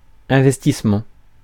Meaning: 1. investment 2. investment, siege 3. commitment, devotion
- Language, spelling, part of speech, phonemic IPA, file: French, investissement, noun, /ɛ̃.vɛs.tis.mɑ̃/, Fr-investissement.ogg